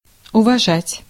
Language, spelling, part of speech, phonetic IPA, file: Russian, уважать, verb, [ʊvɐˈʐatʲ], Ru-уважать.ogg
- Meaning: 1. to admire, to esteem, to have a good opinion of someone 2. to honour/honor, to respect, to treat politely 3. to abide by, to comply, to observe, to not violate 4. to like, to be fond of